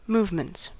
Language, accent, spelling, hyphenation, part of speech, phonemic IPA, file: English, US, movements, move‧ments, noun, /ˈmuːv.mənts/, En-us-movements.ogg
- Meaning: plural of movement